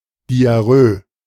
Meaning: diarrhoea
- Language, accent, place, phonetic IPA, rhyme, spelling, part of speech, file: German, Germany, Berlin, [diaˈʁøː], -øː, Diarrhöe, noun, De-Diarrhöe.ogg